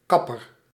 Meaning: 1. barber, hairdresser 2. caper bush (Capparis spinosa) 3. caper
- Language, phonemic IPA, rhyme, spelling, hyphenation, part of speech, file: Dutch, /ˈkɑ.pər/, -ɑpər, kapper, kap‧per, noun, Nl-kapper.ogg